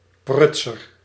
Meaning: botcher (clumsy or incompetent worker; a bungler)
- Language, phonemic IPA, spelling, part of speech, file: Dutch, /ˈprʏt.sər/, prutser, noun, Nl-prutser.ogg